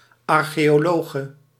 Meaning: female equivalent of archeoloog
- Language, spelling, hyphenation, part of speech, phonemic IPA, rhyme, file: Dutch, archeologe, ar‧cheo‧lo‧ge, noun, /ˌɑr.xeː.oːˈloː.ɣə/, -oːɣə, Nl-archeologe.ogg